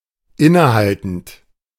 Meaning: present participle of innehalten
- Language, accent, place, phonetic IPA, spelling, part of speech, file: German, Germany, Berlin, [ˈɪnəˌhaltn̩t], innehaltend, verb, De-innehaltend.ogg